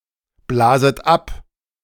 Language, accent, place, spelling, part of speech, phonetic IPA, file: German, Germany, Berlin, blaset ab, verb, [ˌblaːzət ˈap], De-blaset ab.ogg
- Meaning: second-person plural subjunctive I of abblasen